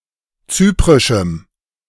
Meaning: strong dative masculine/neuter singular of zyprisch
- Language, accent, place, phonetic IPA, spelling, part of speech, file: German, Germany, Berlin, [ˈt͡syːpʁɪʃm̩], zyprischem, adjective, De-zyprischem.ogg